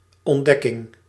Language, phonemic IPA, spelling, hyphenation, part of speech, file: Dutch, /ɔnˈdɛkɪŋ/, ontdekking, ont‧dek‧king, noun, Nl-ontdekking.ogg
- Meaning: discovery